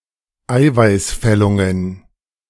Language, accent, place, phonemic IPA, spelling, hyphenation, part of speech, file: German, Germany, Berlin, /ˈaɪ̯vaɪ̯sˌfɛlʊŋən/, Eiweißfällungen, Ei‧weiß‧fäl‧lun‧gen, noun, De-Eiweißfällungen.ogg
- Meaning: plural of Eiweißfällung